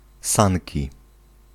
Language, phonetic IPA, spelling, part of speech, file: Polish, [ˈsãnʲci], sanki, noun, Pl-sanki.ogg